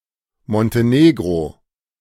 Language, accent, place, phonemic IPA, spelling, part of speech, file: German, Germany, Berlin, /mɔnteˈneːɡʁo/, Montenegro, proper noun, De-Montenegro.ogg
- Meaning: Montenegro (a country on the Balkan Peninsula in Southeastern Europe)